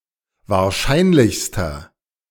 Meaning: inflection of wahrscheinlich: 1. strong/mixed nominative masculine singular superlative degree 2. strong genitive/dative feminine singular superlative degree
- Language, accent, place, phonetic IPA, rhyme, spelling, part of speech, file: German, Germany, Berlin, [vaːɐ̯ˈʃaɪ̯nlɪçstɐ], -aɪ̯nlɪçstɐ, wahrscheinlichster, adjective, De-wahrscheinlichster.ogg